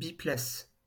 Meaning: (adjective) two-seater, tandem; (noun) two-seater (car, aircraft)
- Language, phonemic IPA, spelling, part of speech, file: French, /bi.plas/, biplace, adjective / noun, LL-Q150 (fra)-biplace.wav